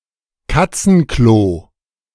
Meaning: litter box, cat box
- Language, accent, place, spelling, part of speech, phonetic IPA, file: German, Germany, Berlin, Katzenklo, noun, [ˈkat͡sn̩ˌkloː], De-Katzenklo.ogg